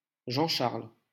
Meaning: a male given name
- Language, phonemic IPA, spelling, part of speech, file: French, /ʒɑ̃.ʃaʁl/, Jean-Charles, proper noun, LL-Q150 (fra)-Jean-Charles.wav